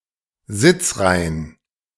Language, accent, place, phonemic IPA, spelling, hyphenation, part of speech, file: German, Germany, Berlin, /ˈzɪt͡sˌʁaɪ̯ən/, Sitzreihen, Sitz‧rei‧hen, noun, De-Sitzreihen.ogg
- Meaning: plural of Sitzreihe